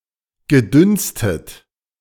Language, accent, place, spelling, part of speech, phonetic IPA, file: German, Germany, Berlin, gedünstet, verb, [ɡəˈdʏnstət], De-gedünstet.ogg
- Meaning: past participle of dünsten